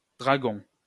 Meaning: Draco (a constellation)
- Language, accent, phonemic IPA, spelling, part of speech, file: French, France, /dʁa.ɡɔ̃/, Dragon, proper noun, LL-Q150 (fra)-Dragon.wav